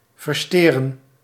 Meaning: to mess up, screw up (intentionally disrupt)
- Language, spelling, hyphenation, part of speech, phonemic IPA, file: Dutch, versjteren, ver‧sjte‧ren, verb, /vərˈʃteː.rə(n)/, Nl-versjteren.ogg